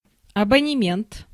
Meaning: subscription, season ticket, membership (such as to a gym)
- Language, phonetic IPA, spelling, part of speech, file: Russian, [ɐbənʲɪˈmʲent], абонемент, noun, Ru-абонемент.ogg